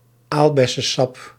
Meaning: superseded spelling of aalbessensap
- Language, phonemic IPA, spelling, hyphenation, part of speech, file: Dutch, /ˈaːl.bɛ.səˌsɑp/, aalbessesap, aal‧bes‧se‧sap, noun, Nl-aalbessesap.ogg